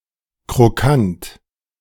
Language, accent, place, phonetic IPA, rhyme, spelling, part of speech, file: German, Germany, Berlin, [kʁoˈkant], -ant, Krokant, noun, De-Krokant.ogg
- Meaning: brittle (confection of caramelized sugar and fragmented nuts)